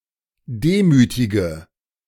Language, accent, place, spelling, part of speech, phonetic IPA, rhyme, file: German, Germany, Berlin, demütige, adjective / verb, [ˈdeːˌmyːtɪɡə], -eːmyːtɪɡə, De-demütige.ogg
- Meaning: inflection of demütigen: 1. first-person singular present 2. first/third-person singular subjunctive I 3. singular imperative